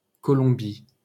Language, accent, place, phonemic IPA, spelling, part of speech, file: French, France, Paris, /kɔ.lɔ̃.bi/, Colombie, proper noun, LL-Q150 (fra)-Colombie.wav
- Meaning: Colombia (a country in South America)